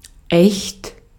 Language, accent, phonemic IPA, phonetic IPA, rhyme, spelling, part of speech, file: German, Austria, /ɛçt/, [ʔɛçt], -ɛçt, echt, adjective / adverb / interjection, De-at-echt.ogg
- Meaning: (adjective) 1. authentic, genuine, true 2. real; factual 3. proper; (adverb) really; indeed; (interjection) expresses disbelief or shock at new information